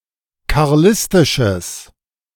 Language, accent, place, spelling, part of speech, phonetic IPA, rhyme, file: German, Germany, Berlin, karlistisches, adjective, [kaʁˈlɪstɪʃəs], -ɪstɪʃəs, De-karlistisches.ogg
- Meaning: strong/mixed nominative/accusative neuter singular of karlistisch